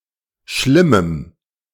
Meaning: strong dative masculine/neuter singular of schlimm
- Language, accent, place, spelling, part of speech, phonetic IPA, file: German, Germany, Berlin, schlimmem, adjective, [ˈʃlɪməm], De-schlimmem.ogg